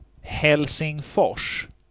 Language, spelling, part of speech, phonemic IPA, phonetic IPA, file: Swedish, Helsingfors, proper noun, /hɛlsɪŋˈfɔrs/, [hɛlsɪŋˈfɔʂː], Sv-Helsingfors.ogg
- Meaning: Helsinki (the capital city of Finland)